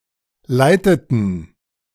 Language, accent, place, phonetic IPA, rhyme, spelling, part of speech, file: German, Germany, Berlin, [ˈlaɪ̯tətn̩], -aɪ̯tətn̩, leiteten, verb, De-leiteten.ogg
- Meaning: inflection of leiten: 1. first/third-person plural preterite 2. first/third-person plural subjunctive II